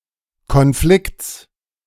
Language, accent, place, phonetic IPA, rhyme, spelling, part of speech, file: German, Germany, Berlin, [kɔnˈflɪkt͡s], -ɪkt͡s, Konflikts, noun, De-Konflikts.ogg
- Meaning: genitive singular of Konflikt